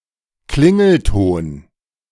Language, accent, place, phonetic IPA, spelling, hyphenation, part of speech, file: German, Germany, Berlin, [ˈklɪŋl̩ˌtoːn], Klingelton, Klin‧gel‧ton, noun, De-Klingelton.ogg
- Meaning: ring tone